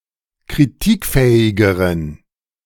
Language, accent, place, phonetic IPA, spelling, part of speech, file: German, Germany, Berlin, [kʁiˈtiːkˌfɛːɪɡəʁən], kritikfähigeren, adjective, De-kritikfähigeren.ogg
- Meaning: inflection of kritikfähig: 1. strong genitive masculine/neuter singular comparative degree 2. weak/mixed genitive/dative all-gender singular comparative degree